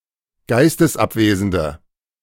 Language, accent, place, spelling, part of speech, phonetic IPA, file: German, Germany, Berlin, geistesabwesende, adjective, [ˈɡaɪ̯stəsˌʔapveːzn̩də], De-geistesabwesende.ogg
- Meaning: inflection of geistesabwesend: 1. strong/mixed nominative/accusative feminine singular 2. strong nominative/accusative plural 3. weak nominative all-gender singular